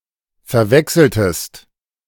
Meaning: inflection of verwechseln: 1. second-person singular preterite 2. second-person singular subjunctive II
- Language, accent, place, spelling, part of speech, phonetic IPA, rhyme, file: German, Germany, Berlin, verwechseltest, verb, [fɛɐ̯ˈvɛksl̩təst], -ɛksl̩təst, De-verwechseltest.ogg